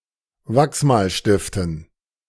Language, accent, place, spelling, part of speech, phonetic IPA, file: German, Germany, Berlin, Wachsmalstiften, noun, [ˈvaksmaːlʃtɪftn̩], De-Wachsmalstiften.ogg
- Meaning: dative plural of Wachsmalstift